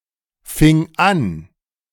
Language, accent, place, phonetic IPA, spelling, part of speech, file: German, Germany, Berlin, [ˌfɪŋ ˈan], fing an, verb, De-fing an.ogg
- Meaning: first/third-person singular preterite of anfangen